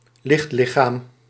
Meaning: 1. light body (vaguely human-shaped body made up of light, e.g. as an extension of a person on an astral plane) 2. light source
- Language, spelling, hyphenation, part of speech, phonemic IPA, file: Dutch, lichtlichaam, licht‧li‧chaam, noun, /ˈlɪxtˌlɪ.xaːm/, Nl-lichtlichaam.ogg